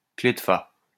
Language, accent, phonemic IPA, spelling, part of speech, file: French, France, /kle d(ə) fa/, clef de fa, noun, LL-Q150 (fra)-clef de fa.wav
- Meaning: F clef, bass clef